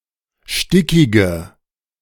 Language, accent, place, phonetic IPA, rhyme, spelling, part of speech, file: German, Germany, Berlin, [ˈʃtɪkɪɡə], -ɪkɪɡə, stickige, adjective, De-stickige.ogg
- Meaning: inflection of stickig: 1. strong/mixed nominative/accusative feminine singular 2. strong nominative/accusative plural 3. weak nominative all-gender singular 4. weak accusative feminine/neuter singular